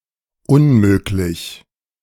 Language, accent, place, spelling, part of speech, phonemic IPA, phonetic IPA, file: German, Germany, Berlin, unmöglich, adjective / adverb, /ʔʊn.ˈmøː.klɪç/, [ʔʊm.ˈmøː.klɪç], De-unmöglich.ogg
- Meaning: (adjective) 1. impossible 2. ridiculous, improper (not aligned with aesthetic or social norms or expectations); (adverb) 1. impossibly 2. not…possibly, it is not possible for/that…